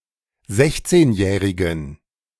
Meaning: inflection of sechzehnjährig: 1. strong genitive masculine/neuter singular 2. weak/mixed genitive/dative all-gender singular 3. strong/weak/mixed accusative masculine singular 4. strong dative plural
- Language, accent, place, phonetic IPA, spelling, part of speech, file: German, Germany, Berlin, [ˈzɛçt͡seːnˌjɛːʁɪɡn̩], sechzehnjährigen, adjective, De-sechzehnjährigen.ogg